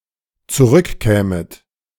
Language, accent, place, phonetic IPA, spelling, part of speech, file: German, Germany, Berlin, [t͡suˈʁʏkˌkɛːmət], zurückkämet, verb, De-zurückkämet.ogg
- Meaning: second-person plural dependent subjunctive II of zurückkommen